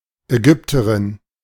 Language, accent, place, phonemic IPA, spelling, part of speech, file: German, Germany, Berlin, /ɛˈɡʏptəʁɪn/, Ägypterin, noun, De-Ägypterin.ogg
- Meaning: Egyptian (female)